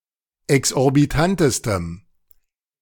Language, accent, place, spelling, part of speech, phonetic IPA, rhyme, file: German, Germany, Berlin, exorbitantestem, adjective, [ɛksʔɔʁbiˈtantəstəm], -antəstəm, De-exorbitantestem.ogg
- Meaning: strong dative masculine/neuter singular superlative degree of exorbitant